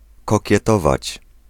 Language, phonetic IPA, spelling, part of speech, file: Polish, [ˌkɔcɛˈtɔvat͡ɕ], kokietować, verb, Pl-kokietować.ogg